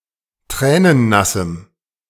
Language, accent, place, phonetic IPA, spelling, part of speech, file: German, Germany, Berlin, [ˈtʁɛːnənˌnasm̩], tränennassem, adjective, De-tränennassem.ogg
- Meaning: strong dative masculine/neuter singular of tränennass